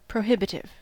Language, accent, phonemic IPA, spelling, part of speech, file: English, US, /pɹəˈhɪbɪtɪv/, prohibitive, adjective / noun, En-us-prohibitive.ogg
- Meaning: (adjective) 1. Tending to prohibit, preclude, or disallow 2. Requiring an unreasonable or impractical effort 3. Costly to the extreme; beyond budget